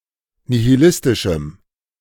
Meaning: strong dative masculine/neuter singular of nihilistisch
- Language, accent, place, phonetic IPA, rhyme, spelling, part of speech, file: German, Germany, Berlin, [nihiˈlɪstɪʃm̩], -ɪstɪʃm̩, nihilistischem, adjective, De-nihilistischem.ogg